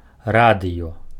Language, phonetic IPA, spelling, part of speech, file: Belarusian, [ˈradɨjo], радыё, noun, Be-радыё.ogg
- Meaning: radio